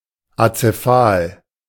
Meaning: alternative form of akephal
- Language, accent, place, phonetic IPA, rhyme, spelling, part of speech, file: German, Germany, Berlin, [at͡seˈfaːl], -aːl, azephal, adjective, De-azephal.ogg